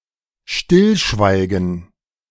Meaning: to be quiet
- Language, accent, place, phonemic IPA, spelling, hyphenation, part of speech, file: German, Germany, Berlin, /ˈʃtɪlˌʃvaɪ̯ɡn̩/, stillschweigen, still‧schwei‧gen, verb, De-stillschweigen.ogg